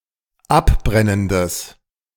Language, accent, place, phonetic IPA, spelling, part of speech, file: German, Germany, Berlin, [ˈapˌbʁɛnəndəs], abbrennendes, adjective, De-abbrennendes.ogg
- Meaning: strong/mixed nominative/accusative neuter singular of abbrennend